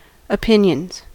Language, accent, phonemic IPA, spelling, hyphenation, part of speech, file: English, US, /əˈpɪn.jənz/, opinions, opin‧ions, noun / verb, En-us-opinions.ogg
- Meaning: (noun) plural of opinion; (verb) third-person singular simple present indicative of opinion